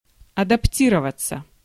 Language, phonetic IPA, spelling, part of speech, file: Russian, [ɐdɐpˈtʲirəvət͡sə], адаптироваться, verb, Ru-адаптироваться.ogg
- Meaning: 1. to adapt (to change to make oneself suitable) 2. passive of адапти́ровать (adaptírovatʹ)